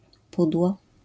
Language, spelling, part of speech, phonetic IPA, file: Polish, pudło, noun, [ˈpudwɔ], LL-Q809 (pol)-pudło.wav